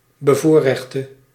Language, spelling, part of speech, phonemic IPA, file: Dutch, bevoorrechte, adjective / verb, /bəˈvorɛxtə/, Nl-bevoorrechte.ogg
- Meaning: singular present subjunctive of bevoorrechten